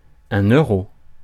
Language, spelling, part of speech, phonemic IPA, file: French, euro, noun, /ø.ʁo/, Fr-euro.ogg
- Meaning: euro (currency)